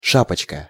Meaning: diminutive of ша́пка (šápka): (small) usually brimless hat or cap
- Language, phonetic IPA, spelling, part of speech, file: Russian, [ˈʂapət͡ɕkə], шапочка, noun, Ru-шапочка.ogg